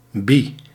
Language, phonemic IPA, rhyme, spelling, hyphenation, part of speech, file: Dutch, /bi/, -i, bi, bi, adjective, Nl-bi.ogg
- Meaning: bisexual